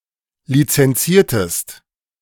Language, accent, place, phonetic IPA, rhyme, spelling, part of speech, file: German, Germany, Berlin, [lit͡sɛnˈt͡siːɐ̯təst], -iːɐ̯təst, lizenziertest, verb, De-lizenziertest.ogg
- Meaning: inflection of lizenzieren: 1. second-person singular preterite 2. second-person singular subjunctive II